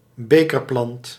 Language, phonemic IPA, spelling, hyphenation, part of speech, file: Dutch, /ˈbeː.kərˌplɑnt/, bekerplant, be‧ker‧plant, noun, Nl-bekerplant.ogg
- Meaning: pitcher plant, carnivorous plant that captures prey in a bell or pitcher; most belonging to the genus Nepenthes, others to unrelated families